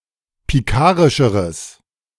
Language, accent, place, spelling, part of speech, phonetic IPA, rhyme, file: German, Germany, Berlin, pikarischeres, adjective, [piˈkaːʁɪʃəʁəs], -aːʁɪʃəʁəs, De-pikarischeres.ogg
- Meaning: strong/mixed nominative/accusative neuter singular comparative degree of pikarisch